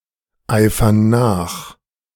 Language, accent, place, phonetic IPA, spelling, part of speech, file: German, Germany, Berlin, [ˌaɪ̯fɐn ˈnaːx], eifern nach, verb, De-eifern nach.ogg
- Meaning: inflection of nacheifern: 1. first/third-person plural present 2. first/third-person plural subjunctive I